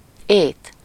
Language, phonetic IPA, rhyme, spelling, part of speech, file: Hungarian, [ˈeːt], -eːt, ét, noun, Hu-ét.ogg
- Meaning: 1. food 2. eating 3. appetite